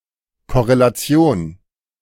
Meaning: correlation
- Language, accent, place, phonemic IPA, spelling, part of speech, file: German, Germany, Berlin, /kɔʁelaˈt͡si̯oːn/, Korrelation, noun, De-Korrelation.ogg